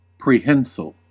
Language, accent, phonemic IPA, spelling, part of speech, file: English, US, /pɹiˈhɛnsəl/, prehensile, adjective, En-us-prehensile.ogg
- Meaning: Able to take hold of and clasp objects; adapted for grasping especially by wrapping around an object